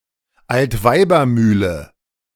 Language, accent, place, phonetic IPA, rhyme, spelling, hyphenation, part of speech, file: German, Germany, Berlin, [ˈaltˈvaɪ̯bɐˌmyːlə], -yːlə, Altweibermühle, Alt‧wei‧ber‧müh‧le, noun, De-Altweibermühle.ogg
- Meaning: a mill where old women magically become young again